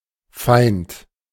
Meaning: enemy; hostile
- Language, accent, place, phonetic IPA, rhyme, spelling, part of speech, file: German, Germany, Berlin, [faɪ̯nt], -aɪ̯nt, feind, adjective / verb, De-feind.ogg